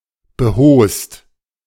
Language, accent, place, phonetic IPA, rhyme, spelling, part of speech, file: German, Germany, Berlin, [bəˈhoːst], -oːst, behost, adjective / verb, De-behost.ogg
- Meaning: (verb) past participle of behosen; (adjective) trousers-wearing